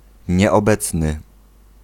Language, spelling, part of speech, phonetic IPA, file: Polish, nieobecny, adjective / noun, [ˌɲɛɔˈbɛt͡snɨ], Pl-nieobecny.ogg